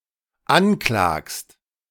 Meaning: second-person singular dependent present of anklagen
- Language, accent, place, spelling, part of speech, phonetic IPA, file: German, Germany, Berlin, anklagst, verb, [ˈanˌklaːkst], De-anklagst.ogg